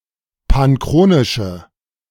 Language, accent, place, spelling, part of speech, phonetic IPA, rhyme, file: German, Germany, Berlin, panchronische, adjective, [panˈkʁoːnɪʃə], -oːnɪʃə, De-panchronische.ogg
- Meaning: inflection of panchronisch: 1. strong/mixed nominative/accusative feminine singular 2. strong nominative/accusative plural 3. weak nominative all-gender singular